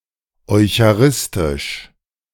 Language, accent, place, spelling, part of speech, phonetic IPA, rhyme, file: German, Germany, Berlin, eucharistisch, adjective, [ɔɪ̯çaˈʁɪstɪʃ], -ɪstɪʃ, De-eucharistisch.ogg
- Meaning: eucharistic, eucharistical